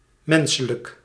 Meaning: 1. human 2. humane
- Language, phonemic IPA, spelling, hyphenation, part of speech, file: Dutch, /ˈmɛn.sə.lək/, menselijk, men‧se‧lijk, adjective, Nl-menselijk.ogg